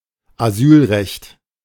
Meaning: right of asylum
- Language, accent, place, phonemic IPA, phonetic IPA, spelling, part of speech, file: German, Germany, Berlin, /aˈzyːlˌʁɛçt/, [ʔaˈzyːlˌʁɛçtʰ], Asylrecht, noun, De-Asylrecht.ogg